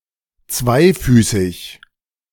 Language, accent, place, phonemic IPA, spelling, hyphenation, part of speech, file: German, Germany, Berlin, /ˈtsvaɪ̯ˌfyːsɪç/, zweifüßig, zwei‧fü‧ßig, adjective, De-zweifüßig.ogg
- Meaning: two-footed